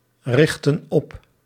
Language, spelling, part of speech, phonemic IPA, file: Dutch, richten op, verb, /ˈrɪxtə(n) ˈɔp/, Nl-richten op.ogg
- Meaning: inflection of oprichten: 1. plural present indicative 2. plural present subjunctive